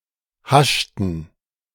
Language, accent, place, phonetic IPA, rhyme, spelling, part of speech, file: German, Germany, Berlin, [ˈhaʃtn̩], -aʃtn̩, haschten, verb, De-haschten.ogg
- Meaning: inflection of haschen: 1. first/third-person plural preterite 2. first/third-person plural subjunctive II